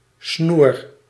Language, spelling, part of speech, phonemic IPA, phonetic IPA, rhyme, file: Dutch, snoer, noun / verb, /snur/, [snuːr], -ur, Nl-snoer.ogg
- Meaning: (noun) 1. a cord, cable 2. a necklace (especially one formed by stringing a number of objects, such as beads, together) 3. hooker, slut 4. daughter-in-law